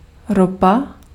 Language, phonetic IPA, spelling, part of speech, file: Czech, [ˈropa], ropa, noun, Cs-ropa.ogg
- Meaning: petroleum (crude)